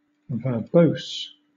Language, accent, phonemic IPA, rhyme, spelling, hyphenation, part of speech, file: English, Southern England, /vəˈbəʊs/, -əʊs, verbose, verb‧ose, adjective, LL-Q1860 (eng)-verbose.wav
- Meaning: 1. Containing or using more words than necessary; long-winded, wordy 2. Producing detailed output for diagnostic purposes